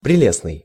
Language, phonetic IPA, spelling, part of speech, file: Russian, [prʲɪˈlʲesnɨj], прелестный, adjective, Ru-прелестный.ogg
- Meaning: charming, delightful, lovely